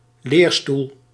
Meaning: academic chair (professorship)
- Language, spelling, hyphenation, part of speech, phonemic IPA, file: Dutch, leerstoel, leer‧stoel, noun, /ˈleːr.stul/, Nl-leerstoel.ogg